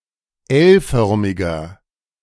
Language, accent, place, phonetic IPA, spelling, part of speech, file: German, Germany, Berlin, [ˈɛlˌfœʁmɪɡɐ], L-förmiger, adjective, De-L-förmiger.ogg
- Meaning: inflection of L-förmig: 1. strong/mixed nominative masculine singular 2. strong genitive/dative feminine singular 3. strong genitive plural